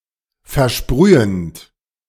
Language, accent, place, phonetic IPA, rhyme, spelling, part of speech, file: German, Germany, Berlin, [fɛɐ̯ˈʃpʁyːənt], -yːənt, versprühend, verb, De-versprühend.ogg
- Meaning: present participle of versprühen